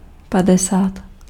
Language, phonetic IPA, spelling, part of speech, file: Czech, [ˈpadɛsaːt], padesát, numeral, Cs-padesát.ogg
- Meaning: fifty (50)